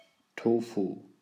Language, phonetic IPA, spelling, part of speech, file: German, [ˈtoːfu], Tofu, noun, De-Tofu.ogg
- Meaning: tofu